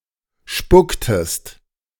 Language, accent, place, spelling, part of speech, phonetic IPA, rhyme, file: German, Germany, Berlin, spucktest, verb, [ˈʃpʊktəst], -ʊktəst, De-spucktest.ogg
- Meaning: inflection of spucken: 1. second-person singular preterite 2. second-person singular subjunctive II